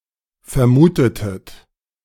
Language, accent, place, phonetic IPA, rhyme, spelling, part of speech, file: German, Germany, Berlin, [fɛɐ̯ˈmuːtətət], -uːtətət, vermutetet, verb, De-vermutetet.ogg
- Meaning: inflection of vermuten: 1. second-person plural preterite 2. second-person plural subjunctive II